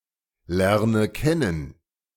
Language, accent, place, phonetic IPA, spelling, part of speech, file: German, Germany, Berlin, [ˌlɛʁnə ˈkɛnən], lerne kennen, verb, De-lerne kennen.ogg
- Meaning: inflection of kennen lernen: 1. first-person singular present 2. first/third-person singular subjunctive I 3. singular imperative